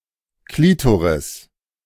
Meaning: clitoris
- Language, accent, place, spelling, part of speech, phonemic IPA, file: German, Germany, Berlin, Klitoris, noun, /ˈkliːtoʁɪs/, De-Klitoris.ogg